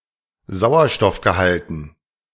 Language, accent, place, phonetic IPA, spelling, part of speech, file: German, Germany, Berlin, [ˈzaʊ̯ɐʃtɔfɡəˌhaltn̩], Sauerstoffgehalten, noun, De-Sauerstoffgehalten.ogg
- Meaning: dative plural of Sauerstoffgehalt